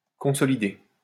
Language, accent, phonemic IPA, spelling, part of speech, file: French, France, /kɔ̃.sɔ.li.de/, consolidé, verb, LL-Q150 (fra)-consolidé.wav
- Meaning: past participle of consolider